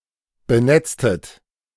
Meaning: inflection of benetzen: 1. second-person plural preterite 2. second-person plural subjunctive II
- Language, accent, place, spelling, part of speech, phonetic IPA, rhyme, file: German, Germany, Berlin, benetztet, verb, [bəˈnɛt͡stət], -ɛt͡stət, De-benetztet.ogg